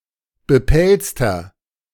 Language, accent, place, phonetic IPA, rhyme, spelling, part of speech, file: German, Germany, Berlin, [bəˈpɛlt͡stɐ], -ɛlt͡stɐ, bepelzter, adjective, De-bepelzter.ogg
- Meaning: inflection of bepelzt: 1. strong/mixed nominative masculine singular 2. strong genitive/dative feminine singular 3. strong genitive plural